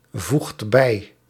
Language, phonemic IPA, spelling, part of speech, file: Dutch, /ˈvuxt ˈbɛi/, voegt bij, verb, Nl-voegt bij.ogg
- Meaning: inflection of bijvoegen: 1. second/third-person singular present indicative 2. plural imperative